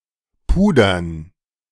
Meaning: dative plural of Puder
- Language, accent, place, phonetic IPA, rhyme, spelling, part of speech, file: German, Germany, Berlin, [ˈpuːdɐn], -uːdɐn, Pudern, noun, De-Pudern.ogg